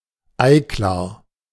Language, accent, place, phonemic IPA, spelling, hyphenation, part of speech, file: German, Germany, Berlin, /ˈaɪˌklaːɐ̯/, Eiklar, Ei‧klar, noun, De-Eiklar.ogg
- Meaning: egg white